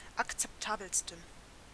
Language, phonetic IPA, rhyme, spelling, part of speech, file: German, [akt͡sɛpˈtaːbl̩stn̩], -aːbl̩stn̩, akzeptabelsten, adjective, De-akzeptabelsten.ogg
- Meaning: 1. superlative degree of akzeptabel 2. inflection of akzeptabel: strong genitive masculine/neuter singular superlative degree